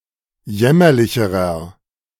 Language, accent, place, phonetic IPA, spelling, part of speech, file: German, Germany, Berlin, [ˈjɛmɐlɪçəʁɐ], jämmerlicherer, adjective, De-jämmerlicherer.ogg
- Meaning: inflection of jämmerlich: 1. strong/mixed nominative masculine singular comparative degree 2. strong genitive/dative feminine singular comparative degree 3. strong genitive plural comparative degree